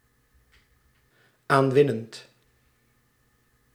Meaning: present participle of aanwinnen
- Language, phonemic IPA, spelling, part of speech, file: Dutch, /ˈaɱwɪnənt/, aanwinnend, verb, Nl-aanwinnend.ogg